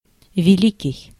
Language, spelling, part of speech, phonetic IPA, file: Russian, великий, adjective, [vʲɪˈlʲikʲɪj], Ru-великий.ogg
- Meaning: 1. large, big 2. great, outstanding